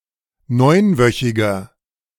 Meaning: inflection of neunwöchig: 1. strong/mixed nominative masculine singular 2. strong genitive/dative feminine singular 3. strong genitive plural
- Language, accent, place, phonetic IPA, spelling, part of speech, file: German, Germany, Berlin, [ˈnɔɪ̯nˌvœçɪɡɐ], neunwöchiger, adjective, De-neunwöchiger.ogg